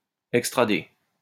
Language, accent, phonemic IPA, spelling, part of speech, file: French, France, /ɛk.stʁa.de/, extrader, verb, LL-Q150 (fra)-extrader.wav
- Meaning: to extradite